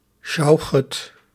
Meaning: shochet
- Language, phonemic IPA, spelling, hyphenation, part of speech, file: Dutch, /ˈʃɑu̯.xət/, sjouchet, sjou‧chet, noun, Nl-sjouchet.ogg